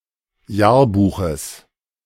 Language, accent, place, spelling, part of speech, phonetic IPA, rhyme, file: German, Germany, Berlin, Jahrbuches, noun, [ˈjaːɐ̯ˌbuːxəs], -aːɐ̯buːxəs, De-Jahrbuches.ogg
- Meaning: genitive singular of Jahrbuch